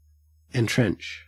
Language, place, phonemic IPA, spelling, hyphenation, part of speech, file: English, Queensland, /ɪnˈtɹent͡ʃ/, entrench, en‧trench, verb, En-au-entrench.ogg
- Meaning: 1. To cut in; to furrow; to make trenches in or upon 2. To cut in; to furrow; to make trenches in or upon.: To dig or excavate a trench; to trench